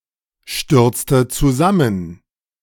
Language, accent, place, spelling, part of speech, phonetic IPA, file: German, Germany, Berlin, stürzte zusammen, verb, [ˌʃtʏʁt͡stə t͡suˈzamən], De-stürzte zusammen.ogg
- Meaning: inflection of zusammenstürzen: 1. first/third-person singular preterite 2. first/third-person singular subjunctive II